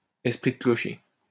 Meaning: parochialism
- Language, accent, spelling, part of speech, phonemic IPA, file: French, France, esprit de clocher, noun, /ɛs.pʁi də klɔ.ʃe/, LL-Q150 (fra)-esprit de clocher.wav